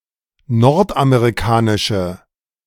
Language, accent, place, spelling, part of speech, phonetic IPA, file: German, Germany, Berlin, nordamerikanische, adjective, [ˈnɔʁtʔameʁiˌkaːnɪʃə], De-nordamerikanische.ogg
- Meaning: inflection of nordamerikanisch: 1. strong/mixed nominative/accusative feminine singular 2. strong nominative/accusative plural 3. weak nominative all-gender singular